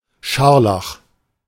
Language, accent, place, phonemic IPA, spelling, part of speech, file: German, Germany, Berlin, /ˈʃaʁlax/, Scharlach, noun, De-Scharlach.ogg
- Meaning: 1. scarlet (colour) 2. scarlet-colored fabric 3. scarlet fever